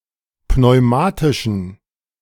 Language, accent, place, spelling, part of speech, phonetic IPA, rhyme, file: German, Germany, Berlin, pneumatischen, adjective, [pnɔɪ̯ˈmaːtɪʃn̩], -aːtɪʃn̩, De-pneumatischen.ogg
- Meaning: inflection of pneumatisch: 1. strong genitive masculine/neuter singular 2. weak/mixed genitive/dative all-gender singular 3. strong/weak/mixed accusative masculine singular 4. strong dative plural